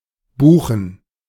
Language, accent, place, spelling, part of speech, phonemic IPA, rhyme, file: German, Germany, Berlin, Buchen, proper noun / noun, /ˈbuːxn̩/, -uːxn̩, De-Buchen.ogg
- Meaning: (proper noun) a municipality of Baden-Württemberg, Germany; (noun) plural of Buche